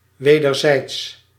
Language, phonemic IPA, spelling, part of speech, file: Dutch, /wedərˈzɛits/, wederzijds, adjective / adverb, Nl-wederzijds.ogg
- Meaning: mutual, reciprocal